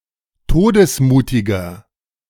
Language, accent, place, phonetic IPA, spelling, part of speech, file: German, Germany, Berlin, [ˈtoːdəsˌmuːtɪɡɐ], todesmutiger, adjective, De-todesmutiger.ogg
- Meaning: 1. comparative degree of todesmutig 2. inflection of todesmutig: strong/mixed nominative masculine singular 3. inflection of todesmutig: strong genitive/dative feminine singular